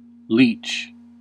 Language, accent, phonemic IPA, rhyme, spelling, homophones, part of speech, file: English, US, /liːt͡ʃ/, -iːtʃ, leach, leech, noun / verb, En-us-leach.ogg
- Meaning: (noun) 1. A quantity of wood ashes, through which water passes, and thus imbibes the alkali 2. A tub or vat for leaching ashes, bark, etc 3. Alternative spelling of leech